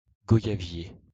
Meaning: guava, guava tree
- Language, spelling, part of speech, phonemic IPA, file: French, goyavier, noun, /ɡɔ.ja.vje/, LL-Q150 (fra)-goyavier.wav